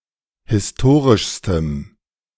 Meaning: strong dative masculine/neuter singular superlative degree of historisch
- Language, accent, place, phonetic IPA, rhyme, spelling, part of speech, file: German, Germany, Berlin, [hɪsˈtoːʁɪʃstəm], -oːʁɪʃstəm, historischstem, adjective, De-historischstem.ogg